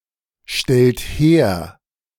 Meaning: inflection of herstellen: 1. third-person singular present 2. second-person plural present 3. plural imperative
- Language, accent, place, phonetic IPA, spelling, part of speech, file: German, Germany, Berlin, [ˌʃtɛlt ˈheːɐ̯], stellt her, verb, De-stellt her.ogg